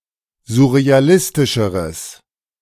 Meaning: strong/mixed nominative/accusative neuter singular comparative degree of surrealistisch
- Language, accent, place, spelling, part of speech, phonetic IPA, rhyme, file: German, Germany, Berlin, surrealistischeres, adjective, [zʊʁeaˈlɪstɪʃəʁəs], -ɪstɪʃəʁəs, De-surrealistischeres.ogg